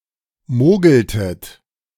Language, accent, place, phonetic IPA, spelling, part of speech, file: German, Germany, Berlin, [ˈmoːɡl̩tət], mogeltet, verb, De-mogeltet.ogg
- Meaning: inflection of mogeln: 1. second-person plural preterite 2. second-person plural subjunctive II